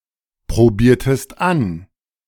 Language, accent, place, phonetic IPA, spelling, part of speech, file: German, Germany, Berlin, [pʁoˌbiːɐ̯təst ˈan], probiertest an, verb, De-probiertest an.ogg
- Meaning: inflection of anprobieren: 1. second-person singular preterite 2. second-person singular subjunctive II